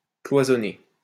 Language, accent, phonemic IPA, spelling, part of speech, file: French, France, /klwa.zɔ.ne/, cloisonner, verb, LL-Q150 (fra)-cloisonner.wav
- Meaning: to partition, compartmentalize